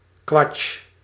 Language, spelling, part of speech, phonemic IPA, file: Dutch, quatsch, noun, /kʋɑtʃ/, Nl-quatsch.ogg
- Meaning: nonsense